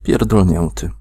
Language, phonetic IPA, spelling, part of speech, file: Polish, [ˌpʲjɛrdɔlʲˈɲɛ̃ntɨ], pierdolnięty, verb / adjective, Pl-pierdolnięty.ogg